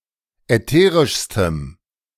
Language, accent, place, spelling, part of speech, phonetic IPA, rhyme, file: German, Germany, Berlin, ätherischstem, adjective, [ɛˈteːʁɪʃstəm], -eːʁɪʃstəm, De-ätherischstem.ogg
- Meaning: strong dative masculine/neuter singular superlative degree of ätherisch